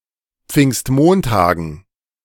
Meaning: dative plural of Pfingstmontag
- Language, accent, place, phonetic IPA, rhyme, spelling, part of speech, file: German, Germany, Berlin, [ˈp͡fɪŋstˈmoːntaːɡn̩], -oːntaːɡn̩, Pfingstmontagen, noun, De-Pfingstmontagen.ogg